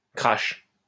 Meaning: 1. crash landing 2. crash
- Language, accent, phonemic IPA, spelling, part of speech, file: French, France, /kʁaʃ/, crash, noun, LL-Q150 (fra)-crash.wav